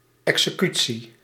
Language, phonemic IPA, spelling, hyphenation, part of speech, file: Dutch, /ˌɛk.səˈky.(t)si/, executie, exe‧cu‧tie, noun, Nl-executie.ogg
- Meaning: 1. execution (act, process or manner of putting something into practice) 2. execution (act of fulfilling a death sentence or killing under summary law)